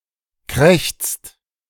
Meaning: inflection of krächzen: 1. second-person plural present 2. third-person singular present 3. plural imperative
- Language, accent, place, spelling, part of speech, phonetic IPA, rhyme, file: German, Germany, Berlin, krächzt, verb, [kʁɛçt͡st], -ɛçt͡st, De-krächzt.ogg